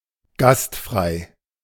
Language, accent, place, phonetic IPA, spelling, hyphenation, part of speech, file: German, Germany, Berlin, [ˈɡastˌfʁaɪ̯], gastfrei, gast‧frei, adjective, De-gastfrei.ogg
- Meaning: hospitable, welcoming (accepting of guests)